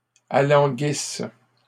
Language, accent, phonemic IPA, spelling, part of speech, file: French, Canada, /a.lɑ̃.ɡis/, alanguisse, verb, LL-Q150 (fra)-alanguisse.wav
- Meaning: inflection of alanguir: 1. first/third-person singular present subjunctive 2. first-person singular imperfect subjunctive